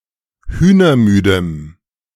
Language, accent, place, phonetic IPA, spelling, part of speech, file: German, Germany, Berlin, [ˈhyːnɐˌmyːdəm], hühnermüdem, adjective, De-hühnermüdem.ogg
- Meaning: strong dative masculine/neuter singular of hühnermüde